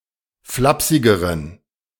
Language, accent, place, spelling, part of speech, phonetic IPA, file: German, Germany, Berlin, flapsigeren, adjective, [ˈflapsɪɡəʁən], De-flapsigeren.ogg
- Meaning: inflection of flapsig: 1. strong genitive masculine/neuter singular comparative degree 2. weak/mixed genitive/dative all-gender singular comparative degree